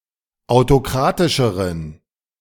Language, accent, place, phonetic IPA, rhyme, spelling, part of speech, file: German, Germany, Berlin, [aʊ̯toˈkʁaːtɪʃəʁən], -aːtɪʃəʁən, autokratischeren, adjective, De-autokratischeren.ogg
- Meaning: inflection of autokratisch: 1. strong genitive masculine/neuter singular comparative degree 2. weak/mixed genitive/dative all-gender singular comparative degree